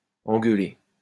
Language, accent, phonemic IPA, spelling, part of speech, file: French, France, /ɑ̃.ɡœ.le/, engueuler, verb, LL-Q150 (fra)-engueuler.wav
- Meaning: 1. to give (someone) a roasting, to tell someone off, to chew out, to give shit 2. to argue, to have a row